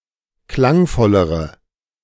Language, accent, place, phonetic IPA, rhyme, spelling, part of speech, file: German, Germany, Berlin, [ˈklaŋˌfɔləʁə], -aŋfɔləʁə, klangvollere, adjective, De-klangvollere.ogg
- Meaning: inflection of klangvoll: 1. strong/mixed nominative/accusative feminine singular comparative degree 2. strong nominative/accusative plural comparative degree